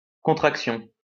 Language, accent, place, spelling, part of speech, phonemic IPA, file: French, France, Lyon, contraction, noun, /kɔ̃.tʁak.sjɔ̃/, LL-Q150 (fra)-contraction.wav
- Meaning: contraction